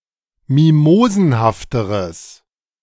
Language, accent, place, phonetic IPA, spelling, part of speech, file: German, Germany, Berlin, [ˈmimoːzn̩haftəʁəs], mimosenhafteres, adjective, De-mimosenhafteres.ogg
- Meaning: strong/mixed nominative/accusative neuter singular comparative degree of mimosenhaft